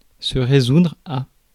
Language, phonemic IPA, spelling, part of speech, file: French, /ʁe.zudʁ/, résoudre, verb, Fr-résoudre.ogg
- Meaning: 1. to resolve (to find a solution to) 2. to resolve, to make up one's mind